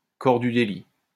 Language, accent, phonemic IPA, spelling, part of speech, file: French, France, /kɔʁ dy de.li/, corps du délit, noun, LL-Q150 (fra)-corps du délit.wav
- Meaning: corpus delicti, piece of evidence